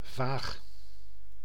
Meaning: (adjective) 1. vague, hazy 2. odd, weird; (verb) inflection of vagen: 1. first-person singular present indicative 2. second-person singular present indicative 3. imperative
- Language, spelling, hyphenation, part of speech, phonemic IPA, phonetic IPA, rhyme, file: Dutch, vaag, vaag, adjective / verb, /vaːx/, [vaːx], -aːx, Nl-vaag.ogg